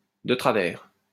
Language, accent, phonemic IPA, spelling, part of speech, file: French, France, /də tʁa.vɛʁ/, de travers, adverb, LL-Q150 (fra)-de travers.wav
- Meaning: 1. wrongly, the wrong way 2. askew; askance